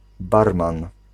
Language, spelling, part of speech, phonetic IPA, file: Polish, barman, noun, [ˈbarmãn], Pl-barman.ogg